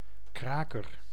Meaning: 1. one who cracks or an instrument used to crack 2. a chiropractor 3. a squatter 4. a thing of good quality, a cracker 5. supporter (someone who is a fan of a certain sports team or sportsperson)
- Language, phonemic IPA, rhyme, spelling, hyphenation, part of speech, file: Dutch, /ˈkraː.kər/, -aːkər, kraker, kra‧ker, noun, Nl-kraker.ogg